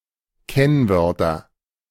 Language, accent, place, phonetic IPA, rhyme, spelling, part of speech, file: German, Germany, Berlin, [ˈkɛnˌvœʁtɐ], -ɛnvœʁtɐ, Kennwörter, noun, De-Kennwörter.ogg
- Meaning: nominative/accusative/genitive plural of Kennwort